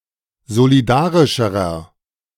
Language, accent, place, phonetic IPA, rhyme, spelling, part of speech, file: German, Germany, Berlin, [zoliˈdaːʁɪʃəʁɐ], -aːʁɪʃəʁɐ, solidarischerer, adjective, De-solidarischerer.ogg
- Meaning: inflection of solidarisch: 1. strong/mixed nominative masculine singular comparative degree 2. strong genitive/dative feminine singular comparative degree 3. strong genitive plural comparative degree